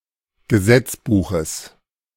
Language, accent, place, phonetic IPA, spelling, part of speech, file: German, Germany, Berlin, [ɡəˈzɛt͡sˌbuːxəs], Gesetzbuches, noun, De-Gesetzbuches.ogg
- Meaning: genitive singular of Gesetzbuch